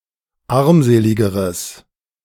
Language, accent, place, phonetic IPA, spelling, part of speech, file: German, Germany, Berlin, [ˈaʁmˌzeːlɪɡəʁəs], armseligeres, adjective, De-armseligeres.ogg
- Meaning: strong/mixed nominative/accusative neuter singular comparative degree of armselig